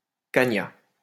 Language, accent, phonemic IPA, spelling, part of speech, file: French, France, /ka.ɲa/, cagna, noun, LL-Q150 (fra)-cagna.wav
- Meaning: dugout